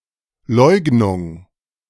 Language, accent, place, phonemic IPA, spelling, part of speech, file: German, Germany, Berlin, /ˈlɔʏ̯ɡnʊŋ/, Leugnung, noun, De-Leugnung.ogg
- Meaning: denialism, denial, negacionism, disavowal, objection, rejection, repudiation